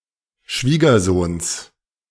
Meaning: genitive singular of Schwiegersohn
- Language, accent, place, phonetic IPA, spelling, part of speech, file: German, Germany, Berlin, [ˈʃviːɡɐˌzoːns], Schwiegersohns, noun, De-Schwiegersohns.ogg